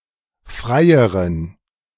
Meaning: inflection of frei: 1. strong genitive masculine/neuter singular comparative degree 2. weak/mixed genitive/dative all-gender singular comparative degree
- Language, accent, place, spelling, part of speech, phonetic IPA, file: German, Germany, Berlin, freieren, adjective, [ˈfʁaɪ̯əʁən], De-freieren.ogg